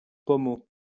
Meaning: 1. shower head 2. pommel (of a saddle, of a sword, of a pistol) 3. An alcoholic drink made from a mixture of apple juice and brandy
- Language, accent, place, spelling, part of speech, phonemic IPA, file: French, France, Lyon, pommeau, noun, /pɔ.mo/, LL-Q150 (fra)-pommeau.wav